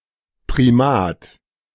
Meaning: 1. primate 2. primacy, supremacy 3. primacy 4. Primat
- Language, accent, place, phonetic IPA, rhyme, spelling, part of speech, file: German, Germany, Berlin, [pʁiˈmaːt], -aːt, Primat, noun, De-Primat.ogg